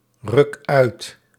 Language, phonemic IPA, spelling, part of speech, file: Dutch, /ˈrʏk ˈœyt/, ruk uit, verb, Nl-ruk uit.ogg
- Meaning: inflection of uitrukken: 1. first-person singular present indicative 2. second-person singular present indicative 3. imperative